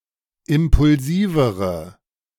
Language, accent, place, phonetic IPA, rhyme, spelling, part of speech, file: German, Germany, Berlin, [ˌɪmpʊlˈziːvəʁə], -iːvəʁə, impulsivere, adjective, De-impulsivere.ogg
- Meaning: inflection of impulsiv: 1. strong/mixed nominative/accusative feminine singular comparative degree 2. strong nominative/accusative plural comparative degree